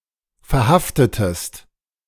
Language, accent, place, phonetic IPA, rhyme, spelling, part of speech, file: German, Germany, Berlin, [fɛɐ̯ˈhaftətəst], -aftətəst, verhaftetest, verb, De-verhaftetest.ogg
- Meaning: inflection of verhaften: 1. second-person singular preterite 2. second-person singular subjunctive II